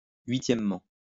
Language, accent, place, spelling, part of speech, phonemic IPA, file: French, France, Lyon, huitièmement, adverb, /ɥi.tjɛm.mɑ̃/, LL-Q150 (fra)-huitièmement.wav
- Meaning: eighthly